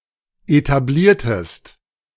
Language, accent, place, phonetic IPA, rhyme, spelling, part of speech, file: German, Germany, Berlin, [etaˈbliːɐ̯təst], -iːɐ̯təst, etabliertest, verb, De-etabliertest.ogg
- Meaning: inflection of etablieren: 1. second-person singular preterite 2. second-person singular subjunctive II